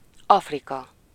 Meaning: Africa (the continent south of Europe and between the Atlantic and Indian Oceans)
- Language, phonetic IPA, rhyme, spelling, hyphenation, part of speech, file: Hungarian, [ˈɒfrikɒ], -kɒ, Afrika, Af‧ri‧ka, proper noun, Hu-Afrika.ogg